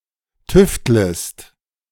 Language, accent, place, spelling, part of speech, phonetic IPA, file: German, Germany, Berlin, tüftlest, verb, [ˈtʏftləst], De-tüftlest.ogg
- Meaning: second-person singular subjunctive I of tüfteln